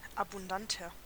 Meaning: 1. comparative degree of abundant 2. inflection of abundant: strong/mixed nominative masculine singular 3. inflection of abundant: strong genitive/dative feminine singular
- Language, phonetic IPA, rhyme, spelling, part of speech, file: German, [abʊnˈdantɐ], -antɐ, abundanter, adjective, De-abundanter.ogg